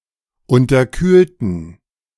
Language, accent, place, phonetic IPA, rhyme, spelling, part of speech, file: German, Germany, Berlin, [ˌʊntɐˈkyːltn̩], -yːltn̩, unterkühlten, adjective / verb, De-unterkühlten.ogg
- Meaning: inflection of unterkühlt: 1. strong genitive masculine/neuter singular 2. weak/mixed genitive/dative all-gender singular 3. strong/weak/mixed accusative masculine singular 4. strong dative plural